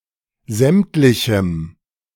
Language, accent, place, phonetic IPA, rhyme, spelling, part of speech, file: German, Germany, Berlin, [ˈzɛmtlɪçm̩], -ɛmtlɪçm̩, sämtlichem, adjective, De-sämtlichem.ogg
- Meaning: strong dative masculine/neuter singular of sämtlich